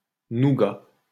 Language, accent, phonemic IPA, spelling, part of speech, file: French, France, /nu.ɡa/, nougat, noun, LL-Q150 (fra)-nougat.wav
- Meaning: 1. nougat (sweet confection with egg white and almonds or nuts) 2. piece of cake 3. feet 4. rifle